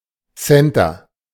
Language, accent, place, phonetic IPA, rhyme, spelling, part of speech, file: German, Germany, Berlin, [ˈsɛntɐ], -ɛntɐ, Center, noun, De-Center.ogg
- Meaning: 1. centre / center 2. shopping centre 3. center (US, CA), centre (UK)